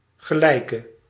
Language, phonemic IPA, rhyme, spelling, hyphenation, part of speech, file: Dutch, /ɣəˈlɛi̯.kə/, -ɛi̯kə, gelijke, ge‧lij‧ke, noun / adjective / verb, Nl-gelijke.ogg
- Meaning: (noun) an equal, e.g. in rank, experience, prestige; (adjective) inflection of gelijk: 1. masculine/feminine singular attributive 2. definite neuter singular attributive 3. plural attributive